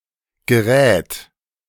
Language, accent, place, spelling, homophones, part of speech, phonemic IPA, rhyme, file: German, Germany, Berlin, Gerät, gerät, noun, /ɡəˈrɛːt/, -ɛːt, De-Gerät.ogg
- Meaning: 1. device, tool, appliance, machine 2. equipment, tools 3. contents, furniture